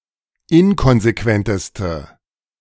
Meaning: inflection of inkonsequent: 1. strong/mixed nominative/accusative feminine singular superlative degree 2. strong nominative/accusative plural superlative degree
- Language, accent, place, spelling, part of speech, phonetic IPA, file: German, Germany, Berlin, inkonsequenteste, adjective, [ˈɪnkɔnzeˌkvɛntəstə], De-inkonsequenteste.ogg